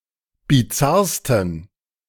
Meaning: 1. superlative degree of bizarr 2. inflection of bizarr: strong genitive masculine/neuter singular superlative degree
- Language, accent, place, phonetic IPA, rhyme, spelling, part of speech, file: German, Germany, Berlin, [biˈt͡saʁstn̩], -aʁstn̩, bizarrsten, adjective, De-bizarrsten.ogg